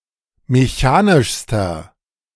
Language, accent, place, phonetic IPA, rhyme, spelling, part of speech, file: German, Germany, Berlin, [meˈçaːnɪʃstɐ], -aːnɪʃstɐ, mechanischster, adjective, De-mechanischster.ogg
- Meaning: inflection of mechanisch: 1. strong/mixed nominative masculine singular superlative degree 2. strong genitive/dative feminine singular superlative degree 3. strong genitive plural superlative degree